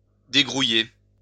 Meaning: to hurry up; make it snappy
- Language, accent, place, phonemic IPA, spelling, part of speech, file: French, France, Lyon, /de.ɡʁu.je/, dégrouiller, verb, LL-Q150 (fra)-dégrouiller.wav